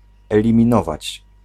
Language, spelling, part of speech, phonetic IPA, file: Polish, eliminować, verb, [ˌɛlʲĩmʲĩˈnɔvat͡ɕ], Pl-eliminować.ogg